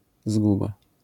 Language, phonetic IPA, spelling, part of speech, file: Polish, [ˈzɡuba], zguba, noun, LL-Q809 (pol)-zguba.wav